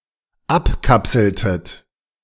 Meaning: inflection of abkapseln: 1. second-person plural dependent preterite 2. second-person plural dependent subjunctive II
- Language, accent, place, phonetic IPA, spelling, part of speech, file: German, Germany, Berlin, [ˈapˌkapsl̩tət], abkapseltet, verb, De-abkapseltet.ogg